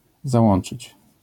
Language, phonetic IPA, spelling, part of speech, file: Polish, [zaˈwɔ̃n͇t͡ʃɨt͡ɕ], załączyć, verb, LL-Q809 (pol)-załączyć.wav